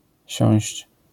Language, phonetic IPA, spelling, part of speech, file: Polish, [ɕɔ̃w̃ɕt͡ɕ], siąść, verb, LL-Q809 (pol)-siąść.wav